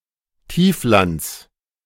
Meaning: genitive singular of Tiefland
- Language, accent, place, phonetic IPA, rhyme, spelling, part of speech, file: German, Germany, Berlin, [ˈtiːfˌlant͡s], -iːflant͡s, Tieflands, noun, De-Tieflands.ogg